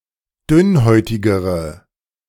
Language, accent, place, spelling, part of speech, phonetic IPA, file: German, Germany, Berlin, dünnhäutigere, adjective, [ˈdʏnˌhɔɪ̯tɪɡəʁə], De-dünnhäutigere.ogg
- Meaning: inflection of dünnhäutig: 1. strong/mixed nominative/accusative feminine singular comparative degree 2. strong nominative/accusative plural comparative degree